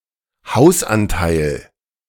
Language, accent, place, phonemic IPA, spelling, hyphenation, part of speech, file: German, Germany, Berlin, /ˈhaʊ̯sʔanˌtaɪ̯l/, Hausanteil, Haus‧an‧teil, noun, De-Hausanteil.ogg
- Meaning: houseshare